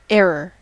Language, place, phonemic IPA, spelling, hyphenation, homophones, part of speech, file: English, California, /ˈɛɹəɹ/, error, err‧or, era / air / e'er / ere / heir / err, noun / verb, En-us-error.ogg
- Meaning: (noun) 1. The state, quality, or condition of being wrong 2. A mistake; an accidental wrong action or a false statement not made deliberately 3. Sin; transgression